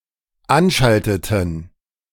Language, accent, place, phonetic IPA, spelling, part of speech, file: German, Germany, Berlin, [ˈanˌʃaltətn̩], anschalteten, verb, De-anschalteten.ogg
- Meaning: inflection of anschalten: 1. first/third-person plural dependent preterite 2. first/third-person plural dependent subjunctive II